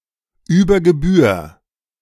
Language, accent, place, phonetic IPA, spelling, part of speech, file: German, Germany, Berlin, [ˌyːbɐ ɡəˈbyːɐ̯], über Gebühr, phrase, De-über Gebühr.ogg
- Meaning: unduly